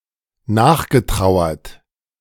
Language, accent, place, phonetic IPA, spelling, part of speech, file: German, Germany, Berlin, [ˈnaːxɡəˌtʁaʊ̯ɐt], nachgetrauert, verb, De-nachgetrauert.ogg
- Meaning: past participle of nachtrauern